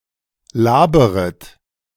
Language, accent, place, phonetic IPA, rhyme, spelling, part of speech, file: German, Germany, Berlin, [ˈlaːbəʁət], -aːbəʁət, laberet, verb, De-laberet.ogg
- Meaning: second-person plural subjunctive I of labern